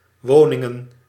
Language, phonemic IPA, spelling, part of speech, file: Dutch, /ˈwonɪŋə(n)/, woningen, noun, Nl-woningen.ogg
- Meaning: plural of woning